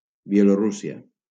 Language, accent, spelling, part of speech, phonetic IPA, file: Catalan, Valencia, Bielorússia, proper noun, [biˌɛ.loˈɾu.si.a], LL-Q7026 (cat)-Bielorússia.wav
- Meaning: Belarus (a country in Eastern Europe)